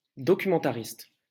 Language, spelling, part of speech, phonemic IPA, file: French, documentariste, noun, /dɔ.ky.mɑ̃.ta.ʁist/, LL-Q150 (fra)-documentariste.wav
- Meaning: documentarian